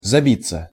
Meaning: 1. to get clogged or blocked with 2. to hide, to get (into a corner) 3. to begin to beat/throb 4. passive of заби́ть (zabítʹ)
- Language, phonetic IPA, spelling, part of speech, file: Russian, [zɐˈbʲit͡sːə], забиться, verb, Ru-забиться.ogg